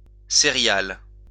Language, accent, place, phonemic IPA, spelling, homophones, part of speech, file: French, France, Lyon, /se.ʁjal/, sérial, sériale / sériales, adjective, LL-Q150 (fra)-sérial.wav
- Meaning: serial